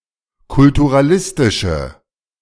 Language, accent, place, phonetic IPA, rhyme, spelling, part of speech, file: German, Germany, Berlin, [kʊltuʁaˈlɪstɪʃə], -ɪstɪʃə, kulturalistische, adjective, De-kulturalistische.ogg
- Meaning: inflection of kulturalistisch: 1. strong/mixed nominative/accusative feminine singular 2. strong nominative/accusative plural 3. weak nominative all-gender singular